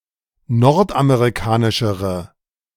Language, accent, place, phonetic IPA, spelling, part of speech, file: German, Germany, Berlin, [ˈnɔʁtʔameʁiˌkaːnɪʃəʁə], nordamerikanischere, adjective, De-nordamerikanischere.ogg
- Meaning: inflection of nordamerikanisch: 1. strong/mixed nominative/accusative feminine singular comparative degree 2. strong nominative/accusative plural comparative degree